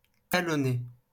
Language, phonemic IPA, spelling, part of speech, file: French, /ta.lɔ.ne/, talonner, verb, LL-Q150 (fra)-talonner.wav
- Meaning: 1. to heel, follow closely, be on someone's heels 2. to kick (a horse) with the heel 3. to harass, bug, hassle 4. to heel 5. to backheel 6. to hook